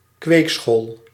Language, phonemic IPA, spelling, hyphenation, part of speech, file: Dutch, /ˈkʋeːk.sxoːl/, kweekschool, kweek‧school, noun, Nl-kweekschool.ogg
- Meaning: a school where enrollees, as teenagers or adolescents, were educated in a profession